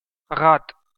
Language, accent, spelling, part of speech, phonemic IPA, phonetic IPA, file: Armenian, Eastern Armenian, ղատ, noun, /ʁɑt/, [ʁɑt], Hy-EA-ղատ.ogg
- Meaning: the name of the Armenian letter ղ (ġ)